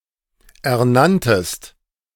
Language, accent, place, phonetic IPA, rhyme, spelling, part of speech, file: German, Germany, Berlin, [ɛɐ̯ˈnantəst], -antəst, ernanntest, verb, De-ernanntest.ogg
- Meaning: second-person singular preterite of ernennen